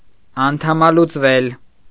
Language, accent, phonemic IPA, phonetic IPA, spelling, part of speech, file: Armenian, Eastern Armenian, /ɑntʰɑmɑlut͡sˈvel/, [ɑntʰɑmɑlut͡svél], անդամալուծվել, verb, Hy-անդամալուծվել.ogg
- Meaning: mediopassive of անդամալուծել (andamalucel): to become paralyzed, to become an amputee